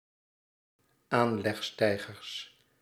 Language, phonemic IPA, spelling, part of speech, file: Dutch, /ˈanlɛxˌstɛiɣərs/, aanlegsteigers, noun, Nl-aanlegsteigers.ogg
- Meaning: plural of aanlegsteiger